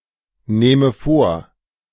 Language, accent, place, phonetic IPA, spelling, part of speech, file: German, Germany, Berlin, [ˌneːmə ˈfoːɐ̯], nehme vor, verb, De-nehme vor.ogg
- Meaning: inflection of vornehmen: 1. first-person singular present 2. first/third-person singular subjunctive I